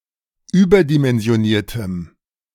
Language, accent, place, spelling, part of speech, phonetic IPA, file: German, Germany, Berlin, überdimensioniertem, adjective, [ˈyːbɐdimɛnzi̯oˌniːɐ̯təm], De-überdimensioniertem.ogg
- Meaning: strong dative masculine/neuter singular of überdimensioniert